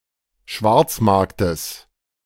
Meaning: genitive singular of Schwarzmarkt
- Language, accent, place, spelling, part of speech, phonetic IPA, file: German, Germany, Berlin, Schwarzmarktes, noun, [ˈʃvaʁt͡sˌmaʁktəs], De-Schwarzmarktes.ogg